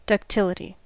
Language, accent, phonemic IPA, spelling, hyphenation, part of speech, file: English, US, /dʌkˈtɪlɪdi/, ductility, duc‧til‧i‧ty, noun, En-us-ductility.ogg
- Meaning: Ability of a material to be drawn out longitudinally to a reduced section without fracture under the action of a tensile force